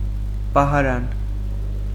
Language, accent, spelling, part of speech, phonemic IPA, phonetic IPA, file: Armenian, Eastern Armenian, պահարան, noun, /pɑhɑˈɾɑn/, [pɑhɑɾɑ́n], Hy-պահարան.ogg
- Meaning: 1. cupboard 2. wardrobe, closet 3. locker, cabinet 4. bookcase, shelves 5. envelope